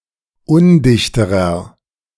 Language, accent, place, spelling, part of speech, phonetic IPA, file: German, Germany, Berlin, undichterer, adjective, [ˈʊndɪçtəʁɐ], De-undichterer.ogg
- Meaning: inflection of undicht: 1. strong/mixed nominative masculine singular comparative degree 2. strong genitive/dative feminine singular comparative degree 3. strong genitive plural comparative degree